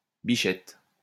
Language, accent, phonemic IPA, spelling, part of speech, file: French, France, /bi.ʃɛt/, bichette, noun, LL-Q150 (fra)-bichette.wav
- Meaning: 1. young doe 2. shrimp net 3. slingshot 4. sweetheart